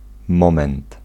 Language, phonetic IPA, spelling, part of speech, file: Polish, [ˈmɔ̃mɛ̃nt], moment, noun, Pl-moment.ogg